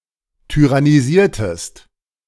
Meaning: inflection of tyrannisieren: 1. second-person singular preterite 2. second-person singular subjunctive II
- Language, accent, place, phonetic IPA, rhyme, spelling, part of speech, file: German, Germany, Berlin, [tyʁaniˈziːɐ̯təst], -iːɐ̯təst, tyrannisiertest, verb, De-tyrannisiertest.ogg